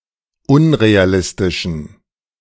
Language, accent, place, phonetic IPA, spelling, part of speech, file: German, Germany, Berlin, [ˈʊnʁeaˌlɪstɪʃn̩], unrealistischen, adjective, De-unrealistischen.ogg
- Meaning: inflection of unrealistisch: 1. strong genitive masculine/neuter singular 2. weak/mixed genitive/dative all-gender singular 3. strong/weak/mixed accusative masculine singular 4. strong dative plural